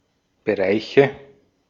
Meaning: inflection of Bereich: 1. dative singular 2. nominative/accusative/genitive plural
- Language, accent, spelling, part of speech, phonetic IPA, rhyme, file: German, Austria, Bereiche, noun, [bəˈʁaɪ̯çə], -aɪ̯çə, De-at-Bereiche.ogg